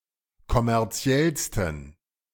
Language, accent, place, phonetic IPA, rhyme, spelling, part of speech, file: German, Germany, Berlin, [kɔmɛʁˈt͡si̯ɛlstn̩], -ɛlstn̩, kommerziellsten, adjective, De-kommerziellsten.ogg
- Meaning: 1. superlative degree of kommerziell 2. inflection of kommerziell: strong genitive masculine/neuter singular superlative degree